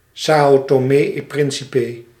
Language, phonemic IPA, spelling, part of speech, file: Dutch, /sɑu̯toːˈmeː ɛn ˈprɪnsipə/, Sao Tomé en Principe, proper noun, Nl-Sao Tomé en Principe.ogg
- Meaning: São Tomé and Príncipe (a country and archipelago of Central Africa in the Atlantic Ocean)